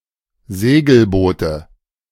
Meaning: nominative/accusative/genitive plural of Segelboot
- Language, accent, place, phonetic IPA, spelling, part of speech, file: German, Germany, Berlin, [ˈzeːɡl̩ˌboːtə], Segelboote, noun, De-Segelboote.ogg